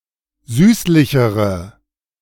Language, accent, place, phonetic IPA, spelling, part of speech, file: German, Germany, Berlin, [ˈzyːslɪçəʁə], süßlichere, adjective, De-süßlichere.ogg
- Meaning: inflection of süßlich: 1. strong/mixed nominative/accusative feminine singular comparative degree 2. strong nominative/accusative plural comparative degree